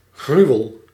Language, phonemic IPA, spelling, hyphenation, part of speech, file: Dutch, /ˈɣryu̯əl/, gruwel, gru‧wel, noun, Nl-gruwel.ogg
- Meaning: 1. abomination, horror, something that is abhorrent 2. gruel, especially made with barley grits, usually sweetened with berry juice